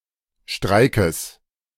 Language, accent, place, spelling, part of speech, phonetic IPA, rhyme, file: German, Germany, Berlin, Streikes, noun, [ˈʃtʁaɪ̯kəs], -aɪ̯kəs, De-Streikes.ogg
- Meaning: genitive singular of Streik